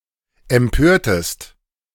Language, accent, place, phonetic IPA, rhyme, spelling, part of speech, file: German, Germany, Berlin, [ɛmˈpøːɐ̯təst], -øːɐ̯təst, empörtest, verb, De-empörtest.ogg
- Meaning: inflection of empören: 1. second-person singular preterite 2. second-person singular subjunctive II